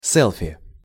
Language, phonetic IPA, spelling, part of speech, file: Russian, [ˈsɛɫfʲɪ], селфи, noun, Ru-селфи.ogg
- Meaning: selfie (photographic self-portrait)